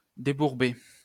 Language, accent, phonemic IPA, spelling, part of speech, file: French, France, /de.buʁ.be/, débourber, verb, LL-Q150 (fra)-débourber.wav
- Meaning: to get out of mud